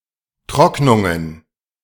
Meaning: plural of Trocknung
- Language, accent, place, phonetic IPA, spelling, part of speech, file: German, Germany, Berlin, [ˈtʁɔknʊŋən], Trocknungen, noun, De-Trocknungen.ogg